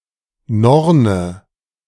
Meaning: 1. Norn 2. calypso (orchid)
- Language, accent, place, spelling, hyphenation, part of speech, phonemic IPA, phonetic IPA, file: German, Germany, Berlin, Norne, Nor‧ne, noun, /ˈnɔrnə/, [ˈnɔɐ̯nə], De-Norne.ogg